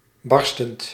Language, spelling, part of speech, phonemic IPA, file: Dutch, barstend, adjective / verb, /ˈbɑrstənt/, Nl-barstend.ogg
- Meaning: present participle of barsten